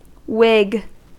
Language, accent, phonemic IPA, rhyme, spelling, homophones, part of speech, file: English, US, /ʍɪɡ/, -ɪɡ, whig, Whig, noun / verb, En-us-whig.ogg
- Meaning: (noun) 1. Acidulated whey, sometimes mixed with buttermilk and sweet herbs, used as a cooling beverage 2. Buttermilk; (verb) 1. To urge forward; drive briskly 2. To jog along; move or work briskly